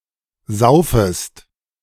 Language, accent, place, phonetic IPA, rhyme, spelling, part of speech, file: German, Germany, Berlin, [ˈzaʊ̯fəst], -aʊ̯fəst, saufest, verb, De-saufest.ogg
- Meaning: second-person singular subjunctive I of saufen